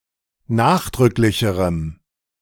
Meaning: strong dative masculine/neuter singular comparative degree of nachdrücklich
- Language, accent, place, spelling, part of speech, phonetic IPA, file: German, Germany, Berlin, nachdrücklicherem, adjective, [ˈnaːxdʁʏklɪçəʁəm], De-nachdrücklicherem.ogg